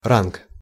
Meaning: rank, grade, degree, class
- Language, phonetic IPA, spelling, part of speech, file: Russian, [rank], ранг, noun, Ru-ранг.ogg